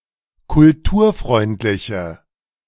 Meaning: inflection of kulturfreundlich: 1. strong/mixed nominative/accusative feminine singular 2. strong nominative/accusative plural 3. weak nominative all-gender singular
- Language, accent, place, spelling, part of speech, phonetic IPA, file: German, Germany, Berlin, kulturfreundliche, adjective, [kʊlˈtuːɐ̯ˌfʁɔɪ̯ntlɪçə], De-kulturfreundliche.ogg